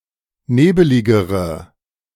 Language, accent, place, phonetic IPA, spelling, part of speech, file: German, Germany, Berlin, [ˈneːbəlɪɡəʁə], nebeligere, adjective, De-nebeligere.ogg
- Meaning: inflection of nebelig: 1. strong/mixed nominative/accusative feminine singular comparative degree 2. strong nominative/accusative plural comparative degree